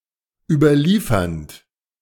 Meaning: present participle of überliefern
- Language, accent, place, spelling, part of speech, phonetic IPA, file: German, Germany, Berlin, überliefernd, verb, [ˌyːbɐˈliːfɐnt], De-überliefernd.ogg